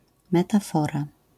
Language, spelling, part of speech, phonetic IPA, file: Polish, metafora, noun, [ˌmɛtaˈfɔra], LL-Q809 (pol)-metafora.wav